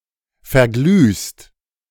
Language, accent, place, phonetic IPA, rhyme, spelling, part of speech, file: German, Germany, Berlin, [fɛɐ̯ˈɡlyːst], -yːst, verglühst, verb, De-verglühst.ogg
- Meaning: second-person singular present of verglühen